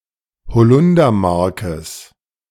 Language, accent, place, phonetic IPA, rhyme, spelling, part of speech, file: German, Germany, Berlin, [bəˈt͡sɔɪ̯ktəs], -ɔɪ̯ktəs, bezeugtes, adjective, De-bezeugtes.ogg
- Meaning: strong/mixed nominative/accusative neuter singular of bezeugt